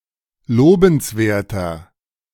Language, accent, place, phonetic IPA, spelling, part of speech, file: German, Germany, Berlin, [ˈloːbn̩sˌveːɐ̯tɐ], lobenswerter, adjective, De-lobenswerter.ogg
- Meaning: 1. comparative degree of lobenswert 2. inflection of lobenswert: strong/mixed nominative masculine singular 3. inflection of lobenswert: strong genitive/dative feminine singular